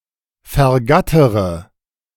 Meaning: inflection of vergattern: 1. first-person singular present 2. first-person plural subjunctive I 3. third-person singular subjunctive I 4. singular imperative
- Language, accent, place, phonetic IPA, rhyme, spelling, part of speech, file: German, Germany, Berlin, [fɛɐ̯ˈɡatəʁə], -atəʁə, vergattere, verb, De-vergattere.ogg